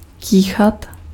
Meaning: to sneeze
- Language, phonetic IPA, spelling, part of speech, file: Czech, [ˈkiːxat], kýchat, verb, Cs-kýchat.ogg